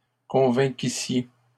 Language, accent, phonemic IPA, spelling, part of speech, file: French, Canada, /kɔ̃.vɛ̃.ki.sje/, convainquissiez, verb, LL-Q150 (fra)-convainquissiez.wav
- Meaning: second-person plural imperfect subjunctive of convaincre